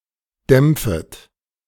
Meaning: second-person plural subjunctive I of dämpfen
- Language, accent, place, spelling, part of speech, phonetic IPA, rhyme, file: German, Germany, Berlin, dämpfet, verb, [ˈdɛmp͡fət], -ɛmp͡fət, De-dämpfet.ogg